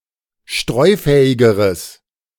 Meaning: strong/mixed nominative/accusative neuter singular comparative degree of streufähig
- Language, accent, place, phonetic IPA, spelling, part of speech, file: German, Germany, Berlin, [ˈʃtʁɔɪ̯ˌfɛːɪɡəʁəs], streufähigeres, adjective, De-streufähigeres.ogg